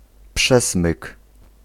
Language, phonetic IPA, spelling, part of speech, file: Polish, [ˈpʃɛsmɨk], przesmyk, noun, Pl-przesmyk.ogg